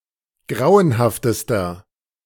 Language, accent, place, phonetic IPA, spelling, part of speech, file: German, Germany, Berlin, [ˈɡʁaʊ̯ənhaftəstɐ], grauenhaftester, adjective, De-grauenhaftester.ogg
- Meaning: inflection of grauenhaft: 1. strong/mixed nominative masculine singular superlative degree 2. strong genitive/dative feminine singular superlative degree 3. strong genitive plural superlative degree